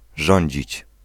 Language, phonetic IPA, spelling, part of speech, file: Polish, [ˈʒɔ̃ɲd͡ʑit͡ɕ], rządzić, verb, Pl-rządzić.ogg